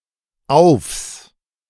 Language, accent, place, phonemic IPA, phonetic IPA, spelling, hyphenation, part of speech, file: German, Germany, Berlin, /aʊ̯fs/, [ʔaʊ̯fs], aufs, aufs, contraction, De-aufs.ogg
- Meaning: contraction of auf (“on”) + das (“the”) [with accusative] on the, upon the, onto the